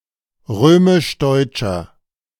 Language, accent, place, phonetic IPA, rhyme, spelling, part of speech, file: German, Germany, Berlin, [ˈʁøːmɪʃˈdɔɪ̯t͡ʃɐ], -ɔɪ̯t͡ʃɐ, römisch-deutscher, adjective, De-römisch-deutscher.ogg
- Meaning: inflection of römisch-deutsch: 1. strong/mixed nominative masculine singular 2. strong genitive/dative feminine singular 3. strong genitive plural